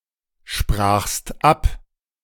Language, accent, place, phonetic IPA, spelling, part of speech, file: German, Germany, Berlin, [ˌʃpʁaːxst ˈap], sprachst ab, verb, De-sprachst ab.ogg
- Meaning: second-person singular preterite of absprechen